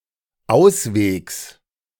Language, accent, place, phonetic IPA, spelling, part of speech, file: German, Germany, Berlin, [ˈaʊ̯sˌveːks], Auswegs, noun, De-Auswegs.ogg
- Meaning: genitive singular of Ausweg